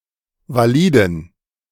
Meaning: inflection of valid: 1. strong genitive masculine/neuter singular 2. weak/mixed genitive/dative all-gender singular 3. strong/weak/mixed accusative masculine singular 4. strong dative plural
- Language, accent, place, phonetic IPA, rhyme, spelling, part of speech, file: German, Germany, Berlin, [vaˈliːdn̩], -iːdn̩, validen, adjective, De-validen.ogg